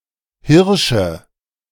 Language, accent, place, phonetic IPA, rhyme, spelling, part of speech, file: German, Germany, Berlin, [ˈhɪʁʃə], -ɪʁʃə, Hirsche, noun, De-Hirsche.ogg
- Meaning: nominative/accusative/genitive plural of Hirsch (“deer”)